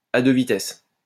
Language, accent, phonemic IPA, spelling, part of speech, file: French, France, /a dø vi.tɛs/, à deux vitesses, adjective, LL-Q150 (fra)-à deux vitesses.wav
- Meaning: two-tier, double-standard; discriminatory, unequal, inegalitarian